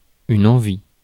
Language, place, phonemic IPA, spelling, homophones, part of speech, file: French, Paris, /ɑ̃.vi/, envie, envient / envies, noun / verb, Fr-envie.ogg
- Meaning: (noun) 1. desire, lust, urge 2. appetite, craving 3. envy 4. birthmark 5. hangnail; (verb) inflection of envier: first/third-person singular present indicative/subjunctive